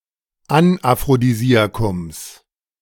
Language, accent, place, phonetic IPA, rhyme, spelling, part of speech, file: German, Germany, Berlin, [anʔafʁodiˈziːakʊms], -iːakʊms, Anaphrodisiakums, noun, De-Anaphrodisiakums.ogg
- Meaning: genitive singular of Anaphrodisiakum